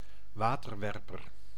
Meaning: water cannon (non-lethal weapon used for riot control, vehicle armed with this weapon)
- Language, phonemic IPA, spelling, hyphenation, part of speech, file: Dutch, /ˈʋaː.tərˌʋɛr.pər/, waterwerper, wa‧ter‧wer‧per, noun, Nl-waterwerper.ogg